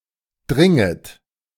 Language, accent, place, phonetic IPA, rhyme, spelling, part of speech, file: German, Germany, Berlin, [ˈdʁɪŋət], -ɪŋət, dringet, verb, De-dringet.ogg
- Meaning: second-person plural subjunctive I of dringen